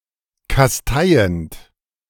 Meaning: present participle of kasteien
- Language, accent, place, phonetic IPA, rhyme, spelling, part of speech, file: German, Germany, Berlin, [kasˈtaɪ̯ənt], -aɪ̯ənt, kasteiend, verb, De-kasteiend.ogg